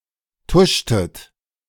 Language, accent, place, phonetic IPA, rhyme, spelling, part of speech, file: German, Germany, Berlin, [ˈtʊʃtət], -ʊʃtət, tuschtet, verb, De-tuschtet.ogg
- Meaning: inflection of tuschen: 1. second-person plural preterite 2. second-person plural subjunctive II